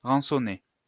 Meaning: to ransom
- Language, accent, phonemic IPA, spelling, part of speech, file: French, France, /ʁɑ̃.sɔ.ne/, rançonner, verb, LL-Q150 (fra)-rançonner.wav